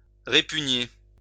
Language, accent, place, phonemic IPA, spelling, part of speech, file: French, France, Lyon, /ʁe.py.ɲe/, répugner, verb, LL-Q150 (fra)-répugner.wav
- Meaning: 1. to repel, disgust 2. to be loath or reluctant (to do something)